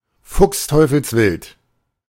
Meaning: hopping mad
- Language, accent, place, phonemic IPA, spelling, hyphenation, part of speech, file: German, Germany, Berlin, /ˌfʊkstɔɪ̯fl̩sˈvɪlt/, fuchsteufelswild, fuchs‧teu‧fels‧wild, adjective, De-fuchsteufelswild.ogg